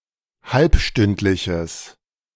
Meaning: strong/mixed nominative/accusative neuter singular of halbstündlich
- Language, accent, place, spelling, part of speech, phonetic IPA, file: German, Germany, Berlin, halbstündliches, adjective, [ˈhalpˌʃtʏntlɪçəs], De-halbstündliches.ogg